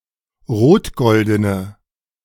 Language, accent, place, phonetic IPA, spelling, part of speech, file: German, Germany, Berlin, [ˈʁoːtˌɡɔldənə], rotgoldene, adjective, De-rotgoldene.ogg
- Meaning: inflection of rotgolden: 1. strong/mixed nominative/accusative feminine singular 2. strong nominative/accusative plural 3. weak nominative all-gender singular